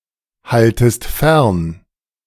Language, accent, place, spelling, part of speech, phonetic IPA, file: German, Germany, Berlin, haltest fern, verb, [ˌhaltəst ˈfɛʁn], De-haltest fern.ogg
- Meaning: second-person singular subjunctive I of fernhalten